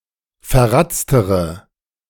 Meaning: inflection of verratzt: 1. strong/mixed nominative/accusative feminine singular comparative degree 2. strong nominative/accusative plural comparative degree
- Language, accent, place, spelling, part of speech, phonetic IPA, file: German, Germany, Berlin, verratztere, adjective, [fɛɐ̯ˈʁat͡stəʁə], De-verratztere.ogg